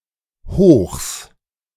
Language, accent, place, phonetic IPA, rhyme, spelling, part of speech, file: German, Germany, Berlin, [hoːxs], -oːxs, Hochs, noun, De-Hochs.ogg
- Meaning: plural of Hoch